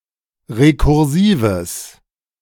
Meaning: strong/mixed nominative/accusative neuter singular of rekursiv
- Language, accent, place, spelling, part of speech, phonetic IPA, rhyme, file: German, Germany, Berlin, rekursives, adjective, [ʁekʊʁˈziːvəs], -iːvəs, De-rekursives.ogg